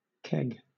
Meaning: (noun) A round, traditionally wooden container of lesser capacity than a barrel, often used to store beer; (verb) To store in a keg
- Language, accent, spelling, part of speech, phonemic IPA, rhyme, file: English, Southern England, keg, noun / verb, /kɛɡ/, -ɛɡ, LL-Q1860 (eng)-keg.wav